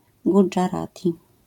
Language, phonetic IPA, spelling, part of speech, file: Polish, [ˌɡud͡ʒaˈratʲi], gudżarati, noun, LL-Q809 (pol)-gudżarati.wav